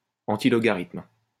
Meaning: antilogarithm
- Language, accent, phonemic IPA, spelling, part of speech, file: French, France, /ɑ̃.ti.lɔ.ɡa.ʁitm/, antilogarithme, noun, LL-Q150 (fra)-antilogarithme.wav